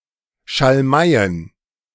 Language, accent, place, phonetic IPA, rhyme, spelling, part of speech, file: German, Germany, Berlin, [ʃalˈmaɪ̯ən], -aɪ̯ən, Schalmeien, noun, De-Schalmeien.ogg
- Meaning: plural of Schalmei